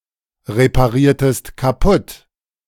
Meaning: inflection of kaputtreparieren: 1. second-person singular preterite 2. second-person singular subjunctive II
- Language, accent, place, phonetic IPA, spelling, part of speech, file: German, Germany, Berlin, [ʁepaˌʁiːɐ̯təst kaˈpʊt], repariertest kaputt, verb, De-repariertest kaputt.ogg